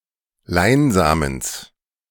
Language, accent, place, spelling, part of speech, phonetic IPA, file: German, Germany, Berlin, Leinsamens, noun, [ˈlaɪ̯nˌzaːməns], De-Leinsamens.ogg
- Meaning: genitive singular of Leinsamen